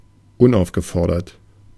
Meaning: 1. unsolicited, unbidden, gratuitous 2. uninvited
- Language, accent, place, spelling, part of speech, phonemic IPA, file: German, Germany, Berlin, unaufgefordert, adjective, /ˈʊnʔaʊ̯fɡəˌfɔʁdɐt/, De-unaufgefordert.ogg